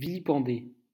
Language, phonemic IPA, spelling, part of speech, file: French, /vi.li.pɑ̃.de/, vilipender, verb, LL-Q150 (fra)-vilipender.wav
- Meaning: to vilipend, vilify, revile, scorn, despise, condemn